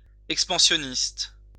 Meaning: expansionist
- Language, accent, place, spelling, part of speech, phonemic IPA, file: French, France, Lyon, expansionniste, adjective, /ɛk.spɑ̃.sjɔ.nist/, LL-Q150 (fra)-expansionniste.wav